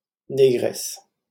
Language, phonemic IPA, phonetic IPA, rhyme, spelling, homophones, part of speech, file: French, /ne.ɡʁɛs/, [ne.ɡrɛs], -ɛs, négresse, négresses, noun, LL-Q150 (fra)-négresse.wav
- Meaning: 1. female equivalent of nègre: negress 2. Black woman 3. girlfriend (of any race) 4. honey, baby (term for one's girlfriend or wife)